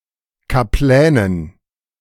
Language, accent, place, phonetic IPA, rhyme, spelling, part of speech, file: German, Germany, Berlin, [kaˈplɛːnən], -ɛːnən, Kaplänen, noun, De-Kaplänen.ogg
- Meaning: dative plural of Kaplan